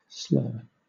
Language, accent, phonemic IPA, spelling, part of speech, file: English, Southern England, /slɜː/, slur, noun / verb, LL-Q1860 (eng)-slur.wav
- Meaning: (noun) An insult or slight, especially one that is muttered incoherently under one's breath